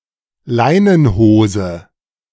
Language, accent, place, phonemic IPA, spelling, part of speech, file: German, Germany, Berlin, /ˈlaɪ̯nənˌhoːzə/, Leinenhose, noun, De-Leinenhose.ogg
- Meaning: linen trousers, linen pants